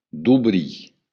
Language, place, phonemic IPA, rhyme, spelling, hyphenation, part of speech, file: Occitan, Béarn, /duˈβɾi/, -i, dobrir, do‧brir, verb, LL-Q14185 (oci)-dobrir.wav
- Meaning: to open